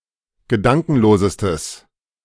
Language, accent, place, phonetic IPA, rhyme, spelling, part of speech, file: German, Germany, Berlin, [ɡəˈdaŋkn̩loːzəstəs], -aŋkn̩loːzəstəs, gedankenlosestes, adjective, De-gedankenlosestes.ogg
- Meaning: strong/mixed nominative/accusative neuter singular superlative degree of gedankenlos